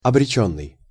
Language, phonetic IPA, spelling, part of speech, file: Russian, [ɐbrʲɪˈt͡ɕɵnːɨj], обречённый, verb / adjective, Ru-обречённый.ogg
- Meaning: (verb) past passive perfective participle of обре́чь (obréčʹ); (adjective) 1. doomed (of a person) 2. doomed (appearance, etc.; inanimate) 3. predestined